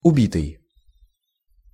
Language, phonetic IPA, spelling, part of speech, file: Russian, [ʊˈbʲitɨj], убитый, verb / adjective / noun, Ru-убитый.ogg
- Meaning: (verb) past passive perfective participle of уби́ть (ubítʹ); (adjective) 1. depressed, crushed, broken-hearted 2. padded; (noun) dead person; killed person, murder victim